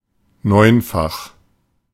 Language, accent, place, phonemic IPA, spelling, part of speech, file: German, Germany, Berlin, /ˈnɔɪ̯nfaχ/, neunfach, adjective, De-neunfach.ogg
- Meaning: ninefold